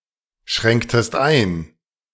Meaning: inflection of einschränken: 1. second-person singular preterite 2. second-person singular subjunctive II
- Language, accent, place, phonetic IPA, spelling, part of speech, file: German, Germany, Berlin, [ˌʃʁɛŋktəst ˈaɪ̯n], schränktest ein, verb, De-schränktest ein.ogg